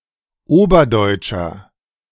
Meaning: inflection of oberdeutsch: 1. strong/mixed nominative masculine singular 2. strong genitive/dative feminine singular 3. strong genitive plural
- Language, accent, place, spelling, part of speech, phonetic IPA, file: German, Germany, Berlin, oberdeutscher, adjective, [ˈoːbɐˌdɔɪ̯t͡ʃɐ], De-oberdeutscher.ogg